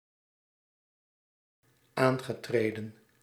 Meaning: past participle of aantreden
- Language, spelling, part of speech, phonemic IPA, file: Dutch, aangetreden, verb, /ˈaŋɣəˌtredə(n)/, Nl-aangetreden.ogg